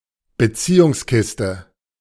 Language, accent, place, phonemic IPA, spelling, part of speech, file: German, Germany, Berlin, /bəˈt͡siːʊŋsˌkɪstə/, Beziehungskiste, noun, De-Beziehungskiste.ogg
- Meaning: relationship, couple